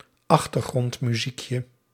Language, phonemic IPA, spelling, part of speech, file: Dutch, /ˈɑxtərɣrɔntmyzikjə/, achtergrondmuziekje, noun, Nl-achtergrondmuziekje.ogg
- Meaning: diminutive of achtergrondmuziek